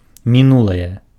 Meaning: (noun) past; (adjective) nominative/accusative neuter singular of міну́лы (minúly)
- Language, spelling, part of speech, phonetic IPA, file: Belarusian, мінулае, noun / adjective, [mʲiˈnuɫaje], Be-мінулае.ogg